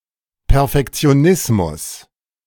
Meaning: perfectionism
- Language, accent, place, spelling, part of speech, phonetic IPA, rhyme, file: German, Germany, Berlin, Perfektionismus, noun, [pɛʁfɛkt͡si̯oˈnɪsmʊs], -ɪsmʊs, De-Perfektionismus.ogg